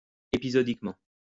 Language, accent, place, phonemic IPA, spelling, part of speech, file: French, France, Lyon, /e.pi.zɔ.dik.mɑ̃/, épisodiquement, adverb, LL-Q150 (fra)-épisodiquement.wav
- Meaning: 1. occasionally 2. episodically